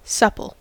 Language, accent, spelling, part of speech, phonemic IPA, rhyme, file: English, US, supple, adjective / verb, /ˈsʌpəl/, -ʌpəl, En-us-supple.ogg
- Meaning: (adjective) 1. Pliant, flexible, easy to bend 2. Lithe and agile when moving and bending 3. Compliant; yielding to the will of others 4. Smooth and drinkable; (verb) To make or become supple